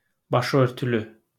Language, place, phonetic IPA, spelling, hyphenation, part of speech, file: Azerbaijani, Baku, [bɑʃɯœɾtyˈly], başıörtülü, ba‧şı‧ör‧tü‧lü, adjective, LL-Q9292 (aze)-başıörtülü.wav
- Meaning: veiled, having the head covered by a veil or a headscarf